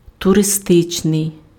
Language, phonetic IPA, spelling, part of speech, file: Ukrainian, [tʊreˈstɪt͡ʃnei̯], туристичний, adjective, Uk-туристичний.ogg
- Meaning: touristic, tourist (attributive) (pertaining to tourists or tourism)